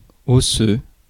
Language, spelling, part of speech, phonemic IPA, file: French, osseux, adjective, /ɔ.sø/, Fr-osseux.ogg
- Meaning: 1. osseous 2. bony